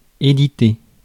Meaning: 1. to publish 2. to edit (be the editor of) 3. edit (to change a text, or a document)
- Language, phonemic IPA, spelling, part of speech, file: French, /e.di.te/, éditer, verb, Fr-éditer.ogg